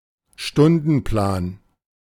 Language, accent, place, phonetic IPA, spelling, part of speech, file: German, Germany, Berlin, [ˈʃtʊndn̩ˌplaːn], Stundenplan, noun, De-Stundenplan.ogg
- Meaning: timetable, schedule